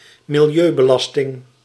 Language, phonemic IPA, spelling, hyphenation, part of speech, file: Dutch, /mɪlˈjøː.bəˌlɑs.tɪŋ/, milieubelasting, mi‧li‧eu‧be‧las‧ting, noun, Nl-milieubelasting.ogg
- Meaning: 1. environmental tax 2. burden on the environment